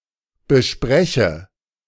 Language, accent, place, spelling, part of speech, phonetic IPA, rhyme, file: German, Germany, Berlin, bespreche, verb, [bəˈʃpʁɛçə], -ɛçə, De-bespreche.ogg
- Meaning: inflection of besprechen: 1. first-person singular present 2. first/third-person singular subjunctive I